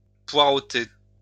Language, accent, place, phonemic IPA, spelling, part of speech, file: French, France, Lyon, /pwa.ʁo.te/, poireauter, verb, LL-Q150 (fra)-poireauter.wav
- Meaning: to hang around, to hang